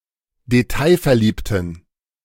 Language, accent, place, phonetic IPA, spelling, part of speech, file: German, Germany, Berlin, [deˈtaɪ̯fɛɐ̯ˌliːptn̩], detailverliebten, adjective, De-detailverliebten.ogg
- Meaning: inflection of detailverliebt: 1. strong genitive masculine/neuter singular 2. weak/mixed genitive/dative all-gender singular 3. strong/weak/mixed accusative masculine singular 4. strong dative plural